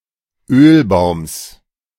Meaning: genitive of Ölbaum
- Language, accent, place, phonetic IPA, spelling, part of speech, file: German, Germany, Berlin, [ˈøːlˌbaʊ̯ms], Ölbaums, noun, De-Ölbaums.ogg